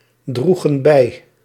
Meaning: inflection of bijdragen: 1. plural past indicative 2. plural past subjunctive
- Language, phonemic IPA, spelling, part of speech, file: Dutch, /ˈdruɣə(n) ˈbɛi/, droegen bij, verb, Nl-droegen bij.ogg